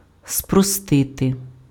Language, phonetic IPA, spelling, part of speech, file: Ukrainian, [sprɔˈstɪte], спростити, verb, Uk-спростити.ogg
- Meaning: to simplify